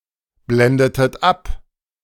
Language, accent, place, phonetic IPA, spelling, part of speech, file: German, Germany, Berlin, [ˌblɛndətət ˈap], blendetet ab, verb, De-blendetet ab.ogg
- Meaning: inflection of abblenden: 1. second-person plural preterite 2. second-person plural subjunctive II